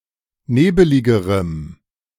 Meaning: strong dative masculine/neuter singular comparative degree of nebelig
- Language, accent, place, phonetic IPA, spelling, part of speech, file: German, Germany, Berlin, [ˈneːbəlɪɡəʁəm], nebeligerem, adjective, De-nebeligerem.ogg